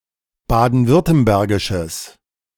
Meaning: strong/mixed nominative/accusative neuter singular of baden-württembergisch
- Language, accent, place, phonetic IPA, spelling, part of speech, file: German, Germany, Berlin, [ˌbaːdn̩ˈvʏʁtəmbɛʁɡɪʃəs], baden-württembergisches, adjective, De-baden-württembergisches.ogg